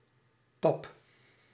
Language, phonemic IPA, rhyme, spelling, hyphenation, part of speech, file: Dutch, /pɑp/, -ɑp, pap, pap, noun / verb, Nl-pap.ogg
- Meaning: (noun) 1. mush 2. porridge 3. pa, dad; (verb) inflection of pappen: 1. first-person singular present indicative 2. second-person singular present indicative 3. imperative